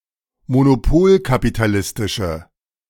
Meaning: inflection of monopolkapitalistisch: 1. strong/mixed nominative/accusative feminine singular 2. strong nominative/accusative plural 3. weak nominative all-gender singular
- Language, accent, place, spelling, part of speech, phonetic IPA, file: German, Germany, Berlin, monopolkapitalistische, adjective, [monoˈpoːlkapitaˌlɪstɪʃə], De-monopolkapitalistische.ogg